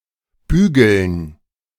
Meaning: to iron
- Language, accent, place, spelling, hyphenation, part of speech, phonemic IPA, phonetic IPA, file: German, Germany, Berlin, bügeln, bü‧geln, verb, /ˈbyːɡəln/, [ˈbyː.ɡl̩n], De-bügeln.ogg